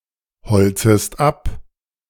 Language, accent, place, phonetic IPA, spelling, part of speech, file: German, Germany, Berlin, [bəˌt͡søːɡə ˈaɪ̯n], bezöge ein, verb, De-bezöge ein.ogg
- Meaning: first/third-person singular subjunctive II of einbeziehen